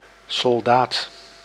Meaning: soldier, private
- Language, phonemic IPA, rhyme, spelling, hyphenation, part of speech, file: Dutch, /sɔlˈdaːt/, -aːt, soldaat, sol‧daat, noun, Nl-soldaat.ogg